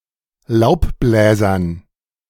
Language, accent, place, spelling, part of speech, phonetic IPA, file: German, Germany, Berlin, Laubbläsern, noun, [ˈlaʊ̯pˌblɛːzɐn], De-Laubbläsern.ogg
- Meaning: dative plural of Laubbläser